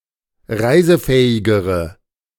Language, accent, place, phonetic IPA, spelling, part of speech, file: German, Germany, Berlin, [ˈʁaɪ̯zəˌfɛːɪɡəʁə], reisefähigere, adjective, De-reisefähigere.ogg
- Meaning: inflection of reisefähig: 1. strong/mixed nominative/accusative feminine singular comparative degree 2. strong nominative/accusative plural comparative degree